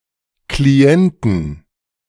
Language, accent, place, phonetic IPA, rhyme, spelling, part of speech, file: German, Germany, Berlin, [kliˈɛntn̩], -ɛntn̩, Klienten, noun, De-Klienten.ogg
- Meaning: plural of Klient